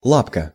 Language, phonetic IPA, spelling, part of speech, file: Russian, [ˈɫapkə], лапка, noun, Ru-лапка.ogg
- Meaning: 1. diminutive of ла́па (lápa); a (small) paw 2. leg, limb, foot (of insects or small animals) 3. claw, grip, clutch, pawl, tang 4. curly quote (one of „ “ in Russian typography)